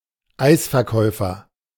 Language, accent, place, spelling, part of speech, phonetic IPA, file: German, Germany, Berlin, Eisverkäufer, noun, [ˈaɪ̯sfɛɐ̯ˌkɔɪ̯fɐ], De-Eisverkäufer.ogg
- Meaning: ice cream vendor